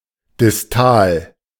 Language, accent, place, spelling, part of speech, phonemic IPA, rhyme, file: German, Germany, Berlin, distal, adjective, /dɪsˈtaːl/, -aːl, De-distal.ogg
- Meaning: distal